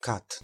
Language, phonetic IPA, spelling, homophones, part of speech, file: Polish, [kat], kat, CAD, noun, Pl-kat.ogg